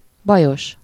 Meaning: difficult, troublesome
- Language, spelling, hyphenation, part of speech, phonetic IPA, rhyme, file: Hungarian, bajos, ba‧jos, adjective, [ˈbɒjoʃ], -oʃ, Hu-bajos.ogg